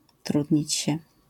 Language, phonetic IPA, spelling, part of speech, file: Polish, [ˈtrudʲɲit͡ɕ‿ɕɛ], trudnić się, verb, LL-Q809 (pol)-trudnić się.wav